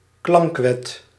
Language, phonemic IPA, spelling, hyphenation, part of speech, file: Dutch, /ˈklɑŋk.ʋɛt/, klankwet, klank‧wet, noun, Nl-klankwet.ogg
- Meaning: sound law